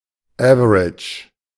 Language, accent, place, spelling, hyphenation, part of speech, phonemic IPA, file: German, Germany, Berlin, average, ave‧rage, adjective, /ˈɛvəʁɪtʃ/, De-average.ogg
- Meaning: average